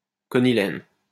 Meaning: conylene
- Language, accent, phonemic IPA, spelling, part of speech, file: French, France, /kɔ.ni.lɛn/, conylène, noun, LL-Q150 (fra)-conylène.wav